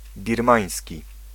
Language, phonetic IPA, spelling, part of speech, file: Polish, [bʲirˈmãj̃sʲci], birmański, adjective / noun, Pl-birmański.ogg